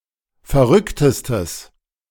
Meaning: strong/mixed nominative/accusative neuter singular superlative degree of verrückt
- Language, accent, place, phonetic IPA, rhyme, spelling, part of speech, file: German, Germany, Berlin, [fɛɐ̯ˈʁʏktəstəs], -ʏktəstəs, verrücktestes, adjective, De-verrücktestes.ogg